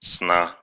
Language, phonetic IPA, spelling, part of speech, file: Russian, [sna], сна, noun, Ru-сна.ogg
- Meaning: genitive singular of сон (son)